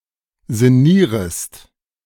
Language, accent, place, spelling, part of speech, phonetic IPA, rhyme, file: German, Germany, Berlin, sinnierest, verb, [zɪˈniːʁəst], -iːʁəst, De-sinnierest.ogg
- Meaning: second-person singular subjunctive I of sinnieren